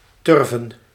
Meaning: to tally, to count with tally marks
- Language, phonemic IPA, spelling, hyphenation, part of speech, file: Dutch, /ˈtʏr.və(n)/, turven, tur‧ven, verb, Nl-turven.ogg